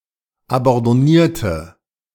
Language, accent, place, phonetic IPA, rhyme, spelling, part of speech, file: German, Germany, Berlin, [abɑ̃dɔˈniːɐ̯tə], -iːɐ̯tə, abandonnierte, adjective / verb, De-abandonnierte.ogg
- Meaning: inflection of abandonnieren: 1. first/third-person singular preterite 2. first/third-person singular subjunctive II